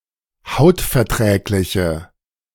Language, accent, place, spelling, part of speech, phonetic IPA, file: German, Germany, Berlin, hautverträgliche, adjective, [ˈhaʊ̯tfɛɐ̯ˌtʁɛːklɪçə], De-hautverträgliche.ogg
- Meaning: inflection of hautverträglich: 1. strong/mixed nominative/accusative feminine singular 2. strong nominative/accusative plural 3. weak nominative all-gender singular